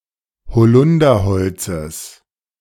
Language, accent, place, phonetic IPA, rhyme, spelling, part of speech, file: German, Germany, Berlin, [bəˈt͡sɔɪ̯ktəm], -ɔɪ̯ktəm, bezeugtem, adjective, De-bezeugtem.ogg
- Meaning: strong dative masculine/neuter singular of bezeugt